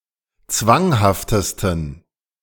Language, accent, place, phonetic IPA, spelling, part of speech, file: German, Germany, Berlin, [ˈt͡svaŋhaftəstn̩], zwanghaftesten, adjective, De-zwanghaftesten.ogg
- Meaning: 1. superlative degree of zwanghaft 2. inflection of zwanghaft: strong genitive masculine/neuter singular superlative degree